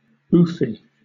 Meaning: Having lots of money rich, wealthy
- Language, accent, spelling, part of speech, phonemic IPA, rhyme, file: English, Southern England, oofy, adjective, /ˈuːfi/, -uːfi, LL-Q1860 (eng)-oofy.wav